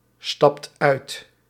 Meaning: inflection of uitstappen: 1. second/third-person singular present indicative 2. plural imperative
- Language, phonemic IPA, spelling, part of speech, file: Dutch, /ˈstɑpt ˈœyt/, stapt uit, verb, Nl-stapt uit.ogg